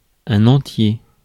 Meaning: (adjective) 1. whole 2. whole (of a number), integer 3. entire, whole 4. wholemeal (UK), wholewheat (US); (noun) integer, whole number
- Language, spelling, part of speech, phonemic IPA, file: French, entier, adjective / noun, /ɑ̃.tje/, Fr-entier.ogg